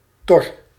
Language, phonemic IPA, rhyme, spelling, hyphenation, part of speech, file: Dutch, /tɔr/, -ɔr, tor, tor, noun, Nl-tor.ogg
- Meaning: beetle (insect of the order Coleoptera)